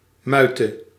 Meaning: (noun) alternative form of muit; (verb) singular present subjunctive of muiten
- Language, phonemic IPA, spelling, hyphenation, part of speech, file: Dutch, /ˈmœy̯.tə/, muite, mui‧te, noun / verb, Nl-muite.ogg